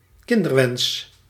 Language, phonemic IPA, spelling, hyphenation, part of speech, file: Dutch, /ˈkɪn.dərˌʋɛns/, kinderwens, kin‧der‧wens, noun, Nl-kinderwens.ogg
- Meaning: 1. the wish or desire to have one or more children 2. the wish of a child